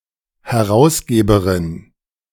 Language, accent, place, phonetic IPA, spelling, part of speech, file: German, Germany, Berlin, [hɛˈʁaʊ̯sˌɡeːbəʁɪn], Herausgeberin, noun, De-Herausgeberin.ogg
- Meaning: feminine of Herausgeber